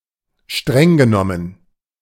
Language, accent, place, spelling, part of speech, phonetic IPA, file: German, Germany, Berlin, streng genommen, adverb, [ˈʃtʁɛŋ ɡəˌnɔmən], De-streng genommen.ogg
- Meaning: strictly speaking